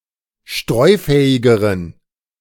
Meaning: inflection of streufähig: 1. strong genitive masculine/neuter singular comparative degree 2. weak/mixed genitive/dative all-gender singular comparative degree
- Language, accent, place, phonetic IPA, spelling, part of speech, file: German, Germany, Berlin, [ˈʃtʁɔɪ̯ˌfɛːɪɡəʁən], streufähigeren, adjective, De-streufähigeren.ogg